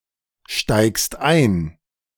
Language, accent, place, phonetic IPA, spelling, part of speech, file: German, Germany, Berlin, [ˌʃtaɪ̯kst ˈaɪ̯n], steigst ein, verb, De-steigst ein.ogg
- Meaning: second-person singular present of einsteigen